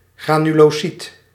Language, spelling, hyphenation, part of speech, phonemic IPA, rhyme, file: Dutch, granulocyt, gra‧nu‧lo‧cyt, noun, /ˌɣraː.ny.loːˈsit/, -it, Nl-granulocyt.ogg
- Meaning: granulocyte (blood cell)